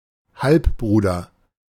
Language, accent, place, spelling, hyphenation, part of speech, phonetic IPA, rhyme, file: German, Germany, Berlin, Halbbruder, Halb‧bru‧der, noun, [ˈhalpˌbʁuːdɐ], -uːdɐ, De-Halbbruder.ogg
- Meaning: half brother